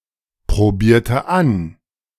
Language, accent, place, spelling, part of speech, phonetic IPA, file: German, Germany, Berlin, probierte an, verb, [pʁoˌbiːɐ̯tə ˈan], De-probierte an.ogg
- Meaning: inflection of anprobieren: 1. first/third-person singular preterite 2. first/third-person singular subjunctive II